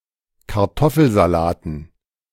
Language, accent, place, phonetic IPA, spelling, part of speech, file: German, Germany, Berlin, [kaʁˈtɔfl̩zaˌlaːtn̩], Kartoffelsalaten, noun, De-Kartoffelsalaten.ogg
- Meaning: dative plural of Kartoffelsalat